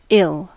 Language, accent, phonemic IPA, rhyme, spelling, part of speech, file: English, US, /ɪl/, -ɪl, ill, adjective / adverb / noun / verb, En-us-ill.ogg
- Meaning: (adjective) 1. Evil; wicked (of people) 2. Morally reprehensible (of behaviour etc.); blameworthy 3. Indicative of unkind or malevolent intentions; harsh, cruel